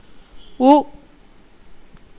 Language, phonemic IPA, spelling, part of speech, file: Tamil, /ɯ/, உ, character, Ta-உ.ogg
- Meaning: The fifth vowel in Tamil